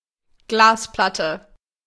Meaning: glass plate
- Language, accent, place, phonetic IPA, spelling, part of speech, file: German, Germany, Berlin, [ˈɡlaːsˌplatə], Glasplatte, noun, De-Glasplatte.ogg